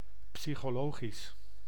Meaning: psychological
- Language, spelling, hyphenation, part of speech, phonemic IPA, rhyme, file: Dutch, psychologisch, psy‧cho‧lo‧gisch, adjective, /ˌpsi.xoːˈloː.ɣis/, -oːɣis, Nl-psychologisch.ogg